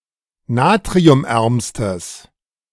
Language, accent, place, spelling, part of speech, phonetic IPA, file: German, Germany, Berlin, natriumärmstes, adjective, [ˈnaːtʁiʊmˌʔɛʁmstəs], De-natriumärmstes.ogg
- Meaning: strong/mixed nominative/accusative neuter singular superlative degree of natriumarm